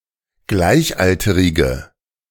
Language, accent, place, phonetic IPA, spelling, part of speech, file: German, Germany, Berlin, [ˈɡlaɪ̯çˌʔaltəʁɪɡə], gleichalterige, adjective, De-gleichalterige.ogg
- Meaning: inflection of gleichalterig: 1. strong/mixed nominative/accusative feminine singular 2. strong nominative/accusative plural 3. weak nominative all-gender singular